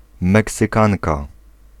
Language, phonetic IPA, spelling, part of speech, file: Polish, [ˌmɛksɨˈkãnka], meksykanka, noun, Pl-meksykanka.ogg